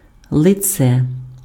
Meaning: 1. face 2. cheeks 3. right side, front side, obverse (e.g., of fabric, clothing, or a coin; opposite of the reverse side) 4. wooden block or matrix used for textile printing 5. evidence, clue, proof
- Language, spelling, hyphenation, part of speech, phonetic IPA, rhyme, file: Ukrainian, лице, ли‧це, noun, [ɫeˈt͡sɛ], -ɛ, Uk-лице.ogg